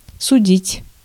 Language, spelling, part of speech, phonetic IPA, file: Russian, судить, verb, [sʊˈdʲitʲ], Ru-судить.ogg
- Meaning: 1. to judge, to try, to adjudicate 2. to judge (to form an opinion on) 3. to destine, to predetermine